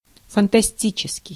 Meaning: fantastical
- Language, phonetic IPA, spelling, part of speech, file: Russian, [fəntɐˈsʲtʲit͡ɕɪskʲɪj], фантастический, adjective, Ru-фантастический.ogg